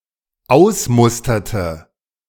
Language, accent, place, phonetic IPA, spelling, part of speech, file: German, Germany, Berlin, [ˈaʊ̯sˌmʊstɐtə], ausmusterte, verb, De-ausmusterte.ogg
- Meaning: inflection of ausmustern: 1. first/third-person singular dependent preterite 2. first/third-person singular dependent subjunctive II